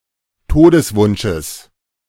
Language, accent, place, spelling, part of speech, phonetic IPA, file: German, Germany, Berlin, Todeswunsches, noun, [ˈtoːdəsˌvʊnʃəs], De-Todeswunsches.ogg
- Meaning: genitive of Todeswunsch